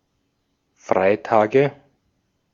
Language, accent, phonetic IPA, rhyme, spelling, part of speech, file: German, Austria, [ˈfʁaɪ̯ˌtaːɡə], -aɪ̯taːɡə, Freitage, noun, De-at-Freitage.ogg
- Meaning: nominative/accusative/genitive plural of Freitag